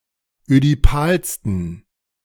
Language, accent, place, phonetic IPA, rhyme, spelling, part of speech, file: German, Germany, Berlin, [ødiˈpaːlstn̩], -aːlstn̩, ödipalsten, adjective, De-ödipalsten.ogg
- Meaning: 1. superlative degree of ödipal 2. inflection of ödipal: strong genitive masculine/neuter singular superlative degree